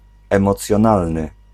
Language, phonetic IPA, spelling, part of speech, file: Polish, [ˌɛ̃mɔt͡sʲjɔ̃ˈnalnɨ], emocjonalny, adjective, Pl-emocjonalny.ogg